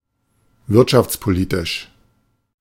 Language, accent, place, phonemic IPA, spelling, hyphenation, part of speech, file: German, Germany, Berlin, /ˈvɪʁtʃaft͡spoˌliːtɪʃ/, wirtschaftspolitisch, wirt‧schafts‧po‧li‧tisch, adjective, De-wirtschaftspolitisch.ogg
- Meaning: economic